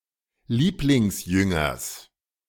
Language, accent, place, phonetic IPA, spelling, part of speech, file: German, Germany, Berlin, [ˈliːplɪŋsˌjʏŋɐs], Lieblingsjüngers, noun, De-Lieblingsjüngers.ogg
- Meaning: genitive singular of Lieblingsjünger